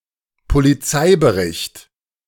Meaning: police report
- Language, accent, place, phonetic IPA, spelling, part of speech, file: German, Germany, Berlin, [poliˈt͡saɪ̯bəˌʁɪçt], Polizeibericht, noun, De-Polizeibericht.ogg